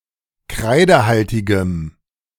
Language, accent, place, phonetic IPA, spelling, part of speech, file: German, Germany, Berlin, [ˈkʁaɪ̯dəˌhaltɪɡəm], kreidehaltigem, adjective, De-kreidehaltigem.ogg
- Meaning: strong dative masculine/neuter singular of kreidehaltig